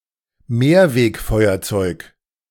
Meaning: refillable lighter
- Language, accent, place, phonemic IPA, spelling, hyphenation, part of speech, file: German, Germany, Berlin, /ˈmeːɐ̯veːkˌfɔɪ̯ɐt͡sɔɪ̯k/, Mehrwegfeuerzeug, Mehr‧weg‧feu‧er‧zeug, noun, De-Mehrwegfeuerzeug.ogg